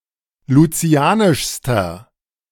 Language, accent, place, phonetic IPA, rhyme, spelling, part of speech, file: German, Germany, Berlin, [luˈt͡si̯aːnɪʃstɐ], -aːnɪʃstɐ, lucianischster, adjective, De-lucianischster.ogg
- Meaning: inflection of lucianisch: 1. strong/mixed nominative masculine singular superlative degree 2. strong genitive/dative feminine singular superlative degree 3. strong genitive plural superlative degree